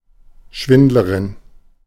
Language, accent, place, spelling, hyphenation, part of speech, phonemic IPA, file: German, Germany, Berlin, Schwindlerin, Schwind‧le‧rin, noun, /ˈʃvɪndləʁɪn/, De-Schwindlerin.ogg
- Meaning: female equivalent of Schwindler